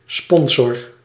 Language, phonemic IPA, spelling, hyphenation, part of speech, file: Dutch, /ˈspɔn.sɔr/, sponsor, spon‧sor, noun / verb, Nl-sponsor.ogg
- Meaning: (noun) sponsor; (verb) inflection of sponsoren: 1. first-person singular present indicative 2. second-person singular present indicative 3. imperative